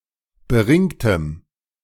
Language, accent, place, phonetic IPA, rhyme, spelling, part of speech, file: German, Germany, Berlin, [bəˈʁɪŋtəm], -ɪŋtəm, beringtem, adjective, De-beringtem.ogg
- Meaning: strong dative masculine/neuter singular of beringt